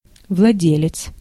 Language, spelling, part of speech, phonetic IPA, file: Russian, владелец, noun, [vɫɐˈdʲelʲɪt͡s], Ru-владелец.ogg
- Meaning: owner